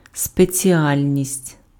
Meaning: speciality, specialty, specialism (field of activity in which one specializes, especially in a professional context)
- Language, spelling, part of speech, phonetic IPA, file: Ukrainian, спеціальність, noun, [spet͡sʲiˈalʲnʲisʲtʲ], Uk-спеціальність.ogg